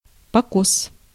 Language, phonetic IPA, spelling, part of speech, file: Russian, [pɐˈkos], покос, noun, Ru-покос.ogg
- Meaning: mowing